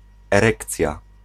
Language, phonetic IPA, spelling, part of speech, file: Polish, [ɛˈrɛkt͡sʲja], erekcja, noun, Pl-erekcja.ogg